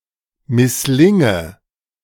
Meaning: inflection of misslingen: 1. first-person singular present 2. first/third-person singular subjunctive I 3. singular imperative
- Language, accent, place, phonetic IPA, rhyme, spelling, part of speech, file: German, Germany, Berlin, [mɪsˈlɪŋə], -ɪŋə, misslinge, verb, De-misslinge.ogg